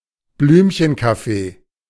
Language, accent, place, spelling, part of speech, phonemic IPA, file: German, Germany, Berlin, Blümchenkaffee, noun, /ˈblyːmçənˌkafe/, De-Blümchenkaffee.ogg
- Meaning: 1. weak coffee 2. wallflower, milksop